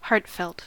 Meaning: Believed or felt deeply and sincerely
- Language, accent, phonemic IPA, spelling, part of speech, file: English, US, /ˈhɑːɹt.fɛlt/, heartfelt, adjective, En-us-heartfelt.ogg